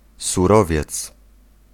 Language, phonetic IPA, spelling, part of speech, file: Polish, [suˈrɔvʲjɛt͡s], surowiec, noun, Pl-surowiec.ogg